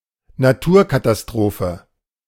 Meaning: natural disaster
- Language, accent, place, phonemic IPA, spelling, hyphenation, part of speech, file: German, Germany, Berlin, /naˈtʰuːɐ̯katasˌtʁoːfə/, Naturkatastrophe, Na‧tur‧ka‧ta‧s‧tro‧phe, noun, De-Naturkatastrophe.ogg